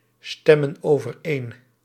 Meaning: inflection of overeenstemmen: 1. plural present indicative 2. plural present subjunctive
- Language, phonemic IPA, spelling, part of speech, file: Dutch, /ˈstɛmə(n) ovərˈen/, stemmen overeen, verb, Nl-stemmen overeen.ogg